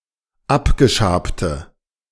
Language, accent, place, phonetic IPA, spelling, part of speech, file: German, Germany, Berlin, [ˈapɡəˌʃaːptə], abgeschabte, adjective, De-abgeschabte.ogg
- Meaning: inflection of abgeschabt: 1. strong/mixed nominative/accusative feminine singular 2. strong nominative/accusative plural 3. weak nominative all-gender singular